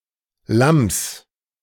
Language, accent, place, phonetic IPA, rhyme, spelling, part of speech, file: German, Germany, Berlin, [lams], -ams, Lamms, noun, De-Lamms.ogg
- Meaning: genitive singular of Lamm